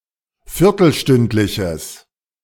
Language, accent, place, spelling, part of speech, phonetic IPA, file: German, Germany, Berlin, viertelstündliches, adjective, [ˈfɪʁtl̩ˌʃtʏntlɪçəs], De-viertelstündliches.ogg
- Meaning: strong/mixed nominative/accusative neuter singular of viertelstündlich